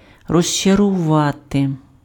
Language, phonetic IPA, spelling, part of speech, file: Ukrainian, [rɔʒt͡ʃɐrʊˈʋate], розчарувати, verb, Uk-розчарувати.ogg
- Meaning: 1. to disappoint 2. to disillusion 3. to disenchant